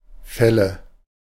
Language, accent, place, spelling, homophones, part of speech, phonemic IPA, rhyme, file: German, Germany, Berlin, Felle, Fälle / fälle, noun, /ˈfɛlə/, -ɛlə, De-Felle.ogg
- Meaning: 1. nominative/accusative/genitive plural of Fell 2. dative singular of Fell